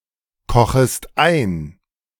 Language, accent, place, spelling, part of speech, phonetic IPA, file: German, Germany, Berlin, kochest ein, verb, [ˌkɔxəst ˈaɪ̯n], De-kochest ein.ogg
- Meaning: second-person singular subjunctive I of einkochen